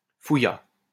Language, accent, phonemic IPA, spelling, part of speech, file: French, France, /fu.ja/, fouilla, verb, LL-Q150 (fra)-fouilla.wav
- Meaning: third-person singular past historic of fouiller